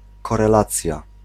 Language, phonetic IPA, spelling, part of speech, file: Polish, [ˌkɔrɛˈlat͡sʲja], korelacja, noun, Pl-korelacja.ogg